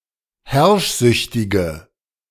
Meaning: inflection of herrschsüchtig: 1. strong/mixed nominative/accusative feminine singular 2. strong nominative/accusative plural 3. weak nominative all-gender singular
- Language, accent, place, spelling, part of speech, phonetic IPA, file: German, Germany, Berlin, herrschsüchtige, adjective, [ˈhɛʁʃˌzʏçtɪɡə], De-herrschsüchtige.ogg